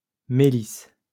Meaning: melissa (Melissa officinalis)
- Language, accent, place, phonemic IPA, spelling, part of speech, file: French, France, Lyon, /me.lis/, mélisse, noun, LL-Q150 (fra)-mélisse.wav